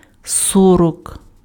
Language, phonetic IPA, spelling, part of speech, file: Ukrainian, [ˈsɔrɔk], сорок, numeral, Uk-сорок.ogg
- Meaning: forty (40)